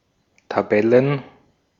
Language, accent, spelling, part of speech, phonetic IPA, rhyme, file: German, Austria, Tabellen, noun, [taˈbɛlən], -ɛlən, De-at-Tabellen.ogg
- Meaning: plural of Tabelle